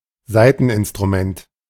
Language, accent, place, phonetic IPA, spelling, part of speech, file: German, Germany, Berlin, [ˈzaɪ̯tn̩ʔɪnstʁuˌmɛnt], Saiteninstrument, noun, De-Saiteninstrument.ogg
- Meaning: string instrument